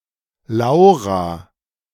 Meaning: a female given name
- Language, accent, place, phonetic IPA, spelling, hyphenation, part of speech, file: German, Germany, Berlin, [ˈlaʊ̯ʁa], Laura, Lau‧ra, proper noun, De-Laura.ogg